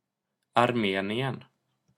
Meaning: Armenia (a country in the South Caucasus region of Asia, sometimes considered to belong politically to Europe)
- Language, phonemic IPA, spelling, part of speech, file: Swedish, /arˈmeːnɪɛn/, Armenien, proper noun, Sv-Armenien.ogg